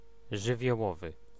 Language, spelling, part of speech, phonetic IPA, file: Polish, żywiołowy, adjective, [ˌʒɨvʲjɔˈwɔvɨ], Pl-żywiołowy.ogg